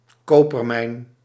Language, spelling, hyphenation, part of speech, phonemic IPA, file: Dutch, kopermijn, ko‧per‧mijn, noun, /ˈkoː.pərˌmɛi̯n/, Nl-kopermijn.ogg
- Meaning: copper mine